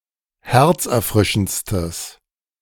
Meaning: strong/mixed nominative/accusative neuter singular superlative degree of herzerfrischend
- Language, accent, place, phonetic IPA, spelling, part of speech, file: German, Germany, Berlin, [ˈhɛʁt͡sʔɛɐ̯ˌfʁɪʃn̩t͡stəs], herzerfrischendstes, adjective, De-herzerfrischendstes.ogg